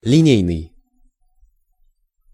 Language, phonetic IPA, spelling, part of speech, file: Russian, [lʲɪˈnʲejnɨj], линейный, adjective, Ru-линейный.ogg
- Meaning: 1. line; linear 2. of the line